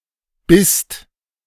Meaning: second-person singular/plural preterite of beißen
- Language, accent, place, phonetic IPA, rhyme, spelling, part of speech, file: German, Germany, Berlin, [bɪst], -ɪst, bisst, verb, De-bisst.ogg